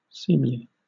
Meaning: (adjective) Of behavior, appropriate; suited to the occasion or purpose; becoming; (adverb) Appropriately, fittingly
- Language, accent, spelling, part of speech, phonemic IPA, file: English, Southern England, seemly, adjective / adverb, /ˈsiːmli/, LL-Q1860 (eng)-seemly.wav